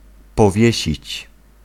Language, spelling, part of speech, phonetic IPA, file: Polish, powiesić, verb, [pɔˈvʲjɛ̇ɕit͡ɕ], Pl-powiesić.ogg